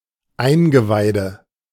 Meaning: guts, internal organs, entrails
- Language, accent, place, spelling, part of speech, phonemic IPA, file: German, Germany, Berlin, Eingeweide, noun, /ˈaɪ̯nɡəˌvaɪ̯də/, De-Eingeweide.ogg